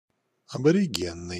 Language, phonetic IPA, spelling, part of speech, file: Russian, [ɐbərʲɪˈɡʲenːɨj], аборигенный, adjective, Ru-аборигенный.ogg
- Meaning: aboriginal, indigenous, local, native, native-born